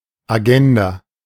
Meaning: agenda (a temporally organized plan or list of things to be addressed)
- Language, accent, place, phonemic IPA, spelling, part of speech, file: German, Germany, Berlin, /aˈɡɛnda/, Agenda, noun, De-Agenda.ogg